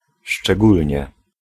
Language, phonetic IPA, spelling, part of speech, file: Polish, [ʃt͡ʃɛˈɡulʲɲɛ], szczególnie, adverb, Pl-szczególnie.ogg